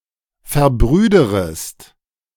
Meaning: second-person singular subjunctive I of verbrüdern
- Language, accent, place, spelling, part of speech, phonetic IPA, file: German, Germany, Berlin, verbrüderest, verb, [fɛɐ̯ˈbʁyːdəʁəst], De-verbrüderest.ogg